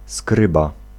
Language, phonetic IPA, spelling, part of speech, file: Polish, [ˈskrɨba], skryba, noun, Pl-skryba.ogg